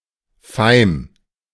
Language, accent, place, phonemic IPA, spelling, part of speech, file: German, Germany, Berlin, /faɪ̯m/, Feim, noun, De-Feim.ogg
- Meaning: 1. heap of layered grain, hay, straw or wood 2. surf, breakers